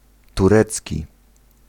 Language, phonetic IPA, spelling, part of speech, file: Polish, [tuˈrɛt͡sʲci], turecki, adjective / noun, Pl-turecki.ogg